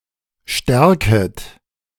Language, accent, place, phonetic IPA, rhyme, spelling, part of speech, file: German, Germany, Berlin, [ˈʃtɛʁkət], -ɛʁkət, stärket, verb, De-stärket.ogg
- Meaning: second-person plural subjunctive I of stärken